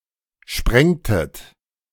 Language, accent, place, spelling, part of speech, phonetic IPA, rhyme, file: German, Germany, Berlin, sprengtet, verb, [ˈʃpʁɛŋtət], -ɛŋtət, De-sprengtet.ogg
- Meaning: inflection of sprengen: 1. second-person plural preterite 2. second-person plural subjunctive II